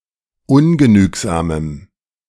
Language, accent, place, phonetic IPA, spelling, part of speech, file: German, Germany, Berlin, [ˈʊnɡəˌnyːkzaːməm], ungenügsamem, adjective, De-ungenügsamem.ogg
- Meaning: strong dative masculine/neuter singular of ungenügsam